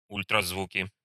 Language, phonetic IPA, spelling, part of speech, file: Russian, [ˌulʲtrɐzˈvukʲɪ], ультразвуки, noun, Ru-ультразвуки.ogg
- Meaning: nominative/accusative plural of ультразву́к (ulʹtrazvúk)